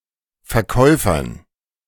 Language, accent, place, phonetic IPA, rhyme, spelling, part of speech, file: German, Germany, Berlin, [fɛɐ̯ˈkɔɪ̯fɐn], -ɔɪ̯fɐn, Verkäufern, noun, De-Verkäufern.ogg
- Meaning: dative plural of Verkäufer